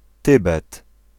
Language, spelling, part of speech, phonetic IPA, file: Polish, Tybet, proper noun, [ˈtɨbɛt], Pl-Tybet.ogg